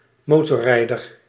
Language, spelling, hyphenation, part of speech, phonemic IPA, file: Dutch, motorrijder, mo‧tor‧rij‧der, noun, /ˈmoː.tɔ(r)ˌrɛi̯.dər/, Nl-motorrijder.ogg
- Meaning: motorbiker, motorcyclist